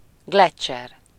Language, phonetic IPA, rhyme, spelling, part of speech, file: Hungarian, [ˈɡlɛt͡ʃːɛr], -ɛr, gleccser, noun, Hu-gleccser.ogg
- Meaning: glacier